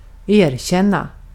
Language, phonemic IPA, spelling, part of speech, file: Swedish, /ˈeːrˌɕɛn.na/, erkänna, verb / interjection, Sv-erkänna.ogg
- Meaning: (verb) 1. to admit (to wrongdoing) 2. to admit (concede as true, more generally)